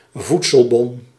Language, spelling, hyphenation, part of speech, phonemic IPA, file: Dutch, voedselbon, voed‧sel‧bon, noun, /ˈvut.səlˌbɔn/, Nl-voedselbon.ogg
- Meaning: food stamp